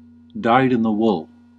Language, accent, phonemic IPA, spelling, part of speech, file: English, US, /ˌdaɪd ɪn ðə ˈwʊl/, dyed-in-the-wool, adjective, En-us-dyed-in-the-wool.ogg
- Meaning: 1. Having the fibres dyed before they are formed into cloth 2. Firmly established in one's beliefs or habits; having a specified characteristic, identity, etc. deeply ingrained in one's nature